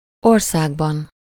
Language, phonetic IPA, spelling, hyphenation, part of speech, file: Hungarian, [ˈorsaːɡbɒn], országban, or‧szág‧ban, noun, Hu-országban.ogg
- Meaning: inessive singular of ország